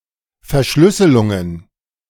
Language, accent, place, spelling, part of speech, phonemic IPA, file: German, Germany, Berlin, Verschlüsselungen, noun, /fɛɐ̯ˈʃlʏsəlʊŋən/, De-Verschlüsselungen.ogg
- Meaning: plural of Verschlüsselung